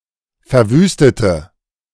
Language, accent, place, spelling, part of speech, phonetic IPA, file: German, Germany, Berlin, verwüstete, adjective / verb, [fɛɐ̯ˈvyːstətə], De-verwüstete.ogg
- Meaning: inflection of verwüsten: 1. first/third-person singular preterite 2. first/third-person singular subjunctive II